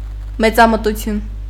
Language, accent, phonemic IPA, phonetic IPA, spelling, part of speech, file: Armenian, Eastern Armenian, /met͡sɑmətuˈtʰjun/, [met͡sɑmətut͡sʰjún], մեծամտություն, noun, Hy-մեծամտություն.ogg
- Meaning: arrogance, haughtiness